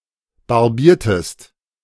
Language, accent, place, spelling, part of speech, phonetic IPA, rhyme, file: German, Germany, Berlin, barbiertest, verb, [baʁˈbiːɐ̯təst], -iːɐ̯təst, De-barbiertest.ogg
- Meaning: inflection of barbieren: 1. second-person singular preterite 2. second-person singular subjunctive II